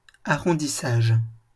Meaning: rounding (mechanical)
- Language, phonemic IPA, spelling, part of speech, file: French, /a.ʁɔ̃.di.saʒ/, arrondissage, noun, LL-Q150 (fra)-arrondissage.wav